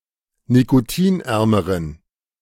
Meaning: inflection of nikotinarm: 1. strong genitive masculine/neuter singular comparative degree 2. weak/mixed genitive/dative all-gender singular comparative degree
- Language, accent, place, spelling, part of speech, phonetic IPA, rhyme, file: German, Germany, Berlin, nikotinärmeren, adjective, [nikoˈtiːnˌʔɛʁməʁən], -iːnʔɛʁməʁən, De-nikotinärmeren.ogg